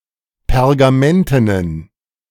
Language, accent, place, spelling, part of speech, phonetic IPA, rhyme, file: German, Germany, Berlin, pergamentenen, adjective, [pɛʁɡaˈmɛntənən], -ɛntənən, De-pergamentenen.ogg
- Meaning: inflection of pergamenten: 1. strong genitive masculine/neuter singular 2. weak/mixed genitive/dative all-gender singular 3. strong/weak/mixed accusative masculine singular 4. strong dative plural